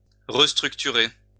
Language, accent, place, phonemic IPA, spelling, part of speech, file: French, France, Lyon, /ʁəs.tʁyk.ty.ʁe/, restructurer, verb, LL-Q150 (fra)-restructurer.wav
- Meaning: to restructure